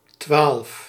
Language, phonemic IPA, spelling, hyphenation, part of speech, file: Dutch, /tʋaːl(ə)f/, twaalf, twaalf, numeral, Nl-twaalf.ogg
- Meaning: twelve